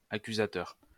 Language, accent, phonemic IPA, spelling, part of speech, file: French, France, /a.ky.za.tœʁ/, accusateur, adjective / noun, LL-Q150 (fra)-accusateur.wav
- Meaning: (adjective) accusing, accusatory; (noun) accuser, prosecutor